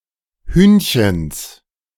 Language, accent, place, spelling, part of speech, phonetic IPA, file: German, Germany, Berlin, Hühnchens, noun, [ˈhyːnçəns], De-Hühnchens.ogg
- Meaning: genitive singular of Hühnchen